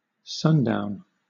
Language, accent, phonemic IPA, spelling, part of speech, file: English, Southern England, /ˈsʌnˌdaʊn/, sundown, noun / verb, LL-Q1860 (eng)-sundown.wav
- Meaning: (noun) 1. Sunset 2. A hat with a wide brim to shade the eyes from sunlight